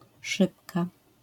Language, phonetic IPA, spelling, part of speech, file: Polish, [ˈʃɨpka], szybka, noun / adjective, LL-Q809 (pol)-szybka.wav